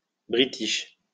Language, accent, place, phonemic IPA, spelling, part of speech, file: French, France, Lyon, /bʁi.tiʃ/, british, adjective, LL-Q150 (fra)-british.wav
- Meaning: typically British